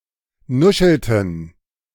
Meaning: inflection of nuscheln: 1. first/third-person plural preterite 2. first/third-person plural subjunctive II
- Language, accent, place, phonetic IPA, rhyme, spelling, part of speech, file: German, Germany, Berlin, [ˈnʊʃl̩tn̩], -ʊʃl̩tn̩, nuschelten, verb, De-nuschelten.ogg